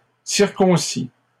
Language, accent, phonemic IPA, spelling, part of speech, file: French, Canada, /siʁ.kɔ̃.si/, circoncît, verb, LL-Q150 (fra)-circoncît.wav
- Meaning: third-person singular imperfect subjunctive of circoncire